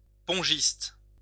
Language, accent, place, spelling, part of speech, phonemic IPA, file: French, France, Lyon, pongiste, noun, /pɔ̃.ʒist/, LL-Q150 (fra)-pongiste.wav
- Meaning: ping pong player